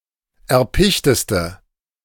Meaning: inflection of erpicht: 1. strong/mixed nominative/accusative feminine singular superlative degree 2. strong nominative/accusative plural superlative degree
- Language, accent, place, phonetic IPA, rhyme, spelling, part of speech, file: German, Germany, Berlin, [ɛɐ̯ˈpɪçtəstə], -ɪçtəstə, erpichteste, adjective, De-erpichteste.ogg